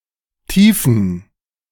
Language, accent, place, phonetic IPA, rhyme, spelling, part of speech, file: German, Germany, Berlin, [ˈtiːfn̩], -iːfn̩, tiefen, adjective, De-tiefen.ogg
- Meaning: inflection of tief: 1. strong genitive masculine/neuter singular 2. weak/mixed genitive/dative all-gender singular 3. strong/weak/mixed accusative masculine singular 4. strong dative plural